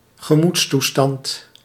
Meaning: mood, state of mind, emotional state
- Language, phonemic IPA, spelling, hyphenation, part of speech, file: Dutch, /ɣəˈmuts.tuˌstɑnt/, gemoedstoestand, ge‧moeds‧toe‧stand, noun, Nl-gemoedstoestand.ogg